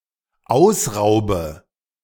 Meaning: inflection of ausrauben: 1. first-person singular dependent present 2. first/third-person singular dependent subjunctive I
- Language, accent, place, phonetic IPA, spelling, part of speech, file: German, Germany, Berlin, [ˈaʊ̯sˌʁaʊ̯bə], ausraube, verb, De-ausraube.ogg